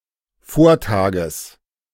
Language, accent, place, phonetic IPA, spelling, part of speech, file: German, Germany, Berlin, [ˈfoːɐ̯ˌtaːɡəs], Vortages, noun, De-Vortages.ogg
- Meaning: genitive singular of Vortag